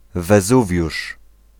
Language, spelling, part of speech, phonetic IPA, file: Polish, Wezuwiusz, proper noun, [vɛˈzuvʲjuʃ], Pl-Wezuwiusz.ogg